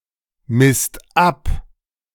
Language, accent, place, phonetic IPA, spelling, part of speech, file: German, Germany, Berlin, [mɪst ˈap], misst ab, verb, De-misst ab.ogg
- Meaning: second/third-person singular present of abmessen